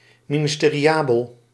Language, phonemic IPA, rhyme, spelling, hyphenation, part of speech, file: Dutch, /ˌmi.nɪs.teː.riˈaː.bəl/, -aːbəl, ministeriabel, mi‧nis‧te‧ri‧a‧bel, adjective, Nl-ministeriabel.ogg
- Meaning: fit for becoming a minister or occupying an other office in government